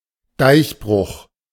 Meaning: dike break
- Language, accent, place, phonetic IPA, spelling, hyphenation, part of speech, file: German, Germany, Berlin, [ˈdaɪ̯çˌbʁʊx], Deichbruch, Deich‧bruch, noun, De-Deichbruch.ogg